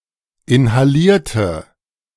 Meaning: inflection of inhalieren: 1. first/third-person singular preterite 2. first/third-person singular subjunctive II
- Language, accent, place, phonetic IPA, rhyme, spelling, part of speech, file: German, Germany, Berlin, [ɪnhaˈliːɐ̯tə], -iːɐ̯tə, inhalierte, adjective / verb, De-inhalierte.ogg